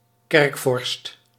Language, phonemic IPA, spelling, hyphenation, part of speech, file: Dutch, /ˈkɛrk.fɔrst/, kerkvorst, kerk‧vorst, noun, Nl-kerkvorst.ogg
- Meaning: high prelate of a church